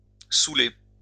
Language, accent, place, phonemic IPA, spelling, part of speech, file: French, France, Lyon, /su.le/, souler, verb, LL-Q150 (fra)-souler.wav
- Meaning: 1. to get (someone) drunk, to inebriate 2. to fill up as if with food 3. to confuse or extenuate with an unending flow of something 4. to intoxicate or overexcite 5. to get drunk, to inebriate oneself